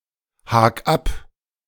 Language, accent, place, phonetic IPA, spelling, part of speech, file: German, Germany, Berlin, [ˌhaːk ˈap], hak ab, verb, De-hak ab.ogg
- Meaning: 1. singular imperative of abhaken 2. first-person singular present of abhaken